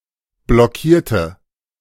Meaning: inflection of blockieren: 1. first/third-person singular preterite 2. first/third-person singular subjunctive II
- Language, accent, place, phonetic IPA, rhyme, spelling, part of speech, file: German, Germany, Berlin, [blɔˈkiːɐ̯tə], -iːɐ̯tə, blockierte, adjective / verb, De-blockierte.ogg